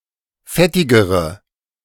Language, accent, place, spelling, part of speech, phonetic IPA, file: German, Germany, Berlin, fettigere, adjective, [ˈfɛtɪɡəʁə], De-fettigere.ogg
- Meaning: inflection of fettig: 1. strong/mixed nominative/accusative feminine singular comparative degree 2. strong nominative/accusative plural comparative degree